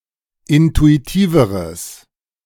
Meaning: strong/mixed nominative/accusative neuter singular comparative degree of intuitiv
- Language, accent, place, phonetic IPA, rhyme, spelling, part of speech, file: German, Germany, Berlin, [ˌɪntuiˈtiːvəʁəs], -iːvəʁəs, intuitiveres, adjective, De-intuitiveres.ogg